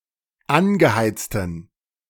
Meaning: inflection of angeheizt: 1. strong genitive masculine/neuter singular 2. weak/mixed genitive/dative all-gender singular 3. strong/weak/mixed accusative masculine singular 4. strong dative plural
- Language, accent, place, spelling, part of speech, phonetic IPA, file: German, Germany, Berlin, angeheizten, adjective, [ˈanɡəˌhaɪ̯t͡stn̩], De-angeheizten.ogg